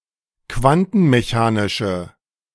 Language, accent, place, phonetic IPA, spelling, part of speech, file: German, Germany, Berlin, [ˈkvantn̩meˌçaːnɪʃə], quantenmechanische, adjective, De-quantenmechanische.ogg
- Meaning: inflection of quantenmechanisch: 1. strong/mixed nominative/accusative feminine singular 2. strong nominative/accusative plural 3. weak nominative all-gender singular